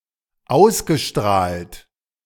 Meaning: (verb) past participle of ausstrahlen; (adjective) 1. radiated, emanated 2. broadcast
- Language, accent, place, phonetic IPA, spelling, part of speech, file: German, Germany, Berlin, [ˈaʊ̯sɡəˌʃtʁaːlt], ausgestrahlt, verb, De-ausgestrahlt.ogg